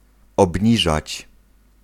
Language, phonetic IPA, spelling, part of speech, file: Polish, [ɔbʲˈɲiʒat͡ɕ], obniżać, verb, Pl-obniżać.ogg